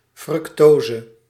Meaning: fructose
- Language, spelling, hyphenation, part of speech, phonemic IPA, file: Dutch, fructose, fruc‧to‧se, noun, /ˈfrʏktozə/, Nl-fructose.ogg